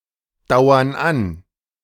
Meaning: inflection of andauern: 1. first/third-person plural present 2. first/third-person plural subjunctive I
- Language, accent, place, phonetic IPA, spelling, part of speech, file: German, Germany, Berlin, [ˌdaʊ̯ɐn ˈan], dauern an, verb, De-dauern an.ogg